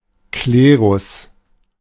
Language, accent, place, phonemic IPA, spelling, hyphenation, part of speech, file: German, Germany, Berlin, /ˈkleːʁʊs/, Klerus, Kle‧rus, noun, De-Klerus.ogg
- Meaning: clergy (mainly used for the Christian clergy, sometimes for the clergy of other religions)